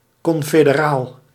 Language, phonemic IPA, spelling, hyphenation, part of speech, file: Dutch, /ˌkɔn.feː.dəˈraːl/, confederaal, con‧fe‧de‧raal, adjective, Nl-confederaal.ogg
- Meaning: confederal; relating to a confederacy